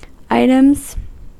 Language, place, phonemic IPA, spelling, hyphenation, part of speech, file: English, California, /ˈaɪ.təmz/, items, items, noun / verb, En-us-items.ogg
- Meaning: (noun) plural of item; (verb) third-person singular simple present indicative of item